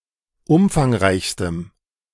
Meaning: strong dative masculine/neuter singular superlative degree of umfangreich
- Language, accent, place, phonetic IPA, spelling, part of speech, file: German, Germany, Berlin, [ˈʊmfaŋˌʁaɪ̯çstəm], umfangreichstem, adjective, De-umfangreichstem.ogg